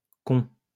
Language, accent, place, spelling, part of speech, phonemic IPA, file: French, France, Lyon, cons, noun, /kɔ̃/, LL-Q150 (fra)-cons.wav
- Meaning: plural of con